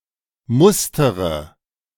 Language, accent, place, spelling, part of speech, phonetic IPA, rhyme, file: German, Germany, Berlin, mustere, verb, [ˈmʊstəʁə], -ʊstəʁə, De-mustere.ogg
- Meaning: inflection of mustern: 1. first-person singular present 2. first/third-person singular subjunctive I 3. singular imperative